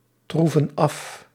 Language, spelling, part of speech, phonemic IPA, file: Dutch, troeven af, verb, /ˈtruvə(n) ˈɑf/, Nl-troeven af.ogg
- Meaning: inflection of aftroeven: 1. plural present indicative 2. plural present subjunctive